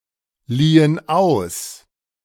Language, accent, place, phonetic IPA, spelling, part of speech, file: German, Germany, Berlin, [ˌliːən ˈaʊ̯s], liehen aus, verb, De-liehen aus.ogg
- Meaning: inflection of ausleihen: 1. first/third-person plural preterite 2. first/third-person plural subjunctive II